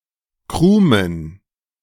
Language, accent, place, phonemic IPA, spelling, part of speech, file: German, Germany, Berlin, /ˈkʁuːmən/, Krumen, noun, De-Krumen.ogg
- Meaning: plural of Krume